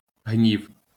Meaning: anger, ire, wrath
- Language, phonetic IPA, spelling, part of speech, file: Ukrainian, [ɦnʲiu̯], гнів, noun, LL-Q8798 (ukr)-гнів.wav